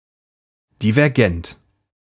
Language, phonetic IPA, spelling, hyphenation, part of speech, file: German, [ˌdivɛʁˈɡɛnt], divergent, di‧ver‧gent, adjective, De-divergent.ogg
- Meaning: divergent